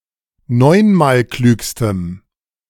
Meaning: strong dative masculine/neuter singular superlative degree of neunmalklug
- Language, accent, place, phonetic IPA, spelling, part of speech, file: German, Germany, Berlin, [ˈnɔɪ̯nmaːlˌklyːkstəm], neunmalklügstem, adjective, De-neunmalklügstem.ogg